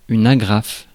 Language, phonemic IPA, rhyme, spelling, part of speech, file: French, /a.ɡʁaf/, -af, agrafe, noun / verb, Fr-agrafe.ogg
- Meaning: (noun) 1. staple (wire fastener used to secure stacks of paper) 2. fastener, hook, agraffe; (verb) inflection of agrafer: first/third-person singular present indicative/subjunctive